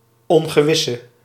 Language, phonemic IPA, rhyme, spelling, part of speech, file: Dutch, /ɔŋ.ɣəˈʋɪ.sə/, -ɪsə, ongewisse, adjective, Nl-ongewisse.ogg
- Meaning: inflection of ongewis: 1. masculine/feminine singular attributive 2. definite neuter singular attributive 3. plural attributive